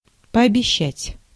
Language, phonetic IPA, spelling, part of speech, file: Russian, [pɐɐbʲɪˈɕːætʲ], пообещать, verb, Ru-пообещать.ogg
- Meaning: to promise